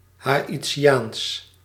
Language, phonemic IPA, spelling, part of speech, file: Dutch, /ˌɦaː.iˈtʃaːns/, Haïtiaans, adjective, Nl-Haïtiaans.ogg
- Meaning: Haitian